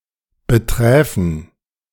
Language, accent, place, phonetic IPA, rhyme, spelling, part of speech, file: German, Germany, Berlin, [bəˈtʁɛːfn̩], -ɛːfn̩, beträfen, verb, De-beträfen.ogg
- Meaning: first/third-person plural subjunctive II of betreffen